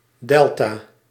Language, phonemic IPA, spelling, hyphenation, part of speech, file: Dutch, /ˈdɛl.taː/, delta, del‧ta, noun, Nl-delta.ogg
- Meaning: 1. the Greek letter delta 2. a river delta, a network of one or more rivers and tributaries pouring out into a larger body of water